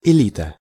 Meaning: the elite
- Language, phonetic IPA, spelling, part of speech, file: Russian, [ɪˈlʲitə], элита, noun, Ru-элита.ogg